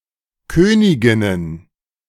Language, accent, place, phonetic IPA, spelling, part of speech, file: German, Germany, Berlin, [ˈkøːnɪɡɪnən], Königinnen, noun, De-Königinnen.ogg
- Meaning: feminine plural of Königin